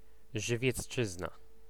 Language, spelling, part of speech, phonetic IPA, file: Polish, Żywiecczyzna, proper noun, [ˌʒɨvʲjɛt͡sˈt͡ʃɨzna], Pl-Żywiecczyzna.ogg